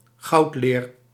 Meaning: gilded leather
- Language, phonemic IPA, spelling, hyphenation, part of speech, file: Dutch, /ˈɣɑu̯t.leːr/, goudleer, goud‧leer, noun, Nl-goudleer.ogg